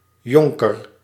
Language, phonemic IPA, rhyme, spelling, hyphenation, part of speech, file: Dutch, /ˈjɔŋ.kər/, -ɔŋkər, jonker, jon‧ker, noun, Nl-jonker.ogg
- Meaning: 1. a young male noble, often lacking a knighthood or a noble title of his own 2. an untitled nobleman; baron, squire 3. Title of address for midshipmen and cadets